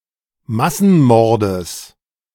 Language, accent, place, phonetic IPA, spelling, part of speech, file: German, Germany, Berlin, [ˈmasn̩ˌmɔʁdəs], Massenmordes, noun, De-Massenmordes.ogg
- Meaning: genitive singular of Massenmord